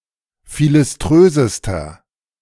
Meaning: inflection of philiströs: 1. strong/mixed nominative masculine singular superlative degree 2. strong genitive/dative feminine singular superlative degree 3. strong genitive plural superlative degree
- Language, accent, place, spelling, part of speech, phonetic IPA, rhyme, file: German, Germany, Berlin, philiströsester, adjective, [ˌfilɪsˈtʁøːzəstɐ], -øːzəstɐ, De-philiströsester.ogg